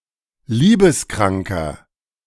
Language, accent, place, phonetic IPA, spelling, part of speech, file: German, Germany, Berlin, [ˈliːbəsˌkʁaŋkɐ], liebeskranker, adjective, De-liebeskranker.ogg
- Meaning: inflection of liebeskrank: 1. strong/mixed nominative masculine singular 2. strong genitive/dative feminine singular 3. strong genitive plural